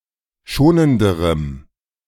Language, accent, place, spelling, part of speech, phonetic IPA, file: German, Germany, Berlin, schonenderem, adjective, [ˈʃoːnəndəʁəm], De-schonenderem.ogg
- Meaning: strong dative masculine/neuter singular comparative degree of schonend